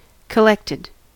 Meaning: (adjective) 1. Gathered together 2. Cool‐headed, emotionally stable, in focus; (verb) simple past and past participle of collect
- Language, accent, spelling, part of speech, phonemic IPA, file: English, US, collected, adjective / verb, /kəˈlɛktɪd/, En-us-collected.ogg